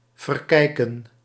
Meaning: 1. to waste or miss while watching 2. to regard wrongly, misjudge
- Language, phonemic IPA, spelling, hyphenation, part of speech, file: Dutch, /ˌvərˈkɛi̯.kə(n)/, verkijken, ver‧kij‧ken, verb, Nl-verkijken.ogg